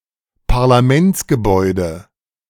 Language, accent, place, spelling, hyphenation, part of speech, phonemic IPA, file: German, Germany, Berlin, Parlamentsgebäude, Par‧la‧ments‧ge‧bäu‧de, noun, /paʁlaˈmɛnt͡sɡəˌbɔɪ̯də/, De-Parlamentsgebäude.ogg
- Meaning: legislative building, Parliament House